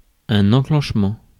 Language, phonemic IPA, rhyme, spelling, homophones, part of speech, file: French, /ɑ̃.ʃɑ̃t.mɑ̃/, -ɑ̃, enchantement, enchantements, noun, Fr-enchantement.ogg
- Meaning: enchantment